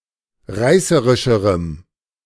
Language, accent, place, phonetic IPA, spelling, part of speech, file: German, Germany, Berlin, [ˈʁaɪ̯səʁɪʃəʁəm], reißerischerem, adjective, De-reißerischerem.ogg
- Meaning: strong dative masculine/neuter singular comparative degree of reißerisch